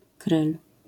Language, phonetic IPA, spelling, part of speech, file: Polish, [krɨl], kryl, noun, LL-Q809 (pol)-kryl.wav